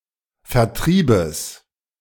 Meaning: genitive singular of Vertrieb
- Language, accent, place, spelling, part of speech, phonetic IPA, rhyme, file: German, Germany, Berlin, Vertriebes, noun, [fɛɐ̯ˈtʁiːbəs], -iːbəs, De-Vertriebes.ogg